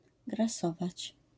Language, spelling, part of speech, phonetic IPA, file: Polish, grasować, verb, [ɡraˈsɔvat͡ɕ], LL-Q809 (pol)-grasować.wav